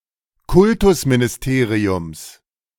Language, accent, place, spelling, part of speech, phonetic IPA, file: German, Germany, Berlin, Kultusministeriums, noun, [ˈkʊltʊsminɪsˌteːʁiʊms], De-Kultusministeriums.ogg
- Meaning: genitive singular of Kultusministerium